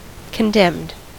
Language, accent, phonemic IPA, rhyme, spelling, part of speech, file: English, US, /kənˈdɛmd/, -ɛmd, condemned, adjective / noun / verb, En-us-condemned.ogg
- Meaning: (adjective) 1. Having received a curse to be doomed to suffer eternally 2. Having been sharply scolded 3. Adjudged or sentenced to punishment, destruction, or confiscation